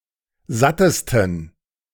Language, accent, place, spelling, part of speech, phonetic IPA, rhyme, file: German, Germany, Berlin, sattesten, adjective, [ˈzatəstn̩], -atəstn̩, De-sattesten.ogg
- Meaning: 1. superlative degree of satt 2. inflection of satt: strong genitive masculine/neuter singular superlative degree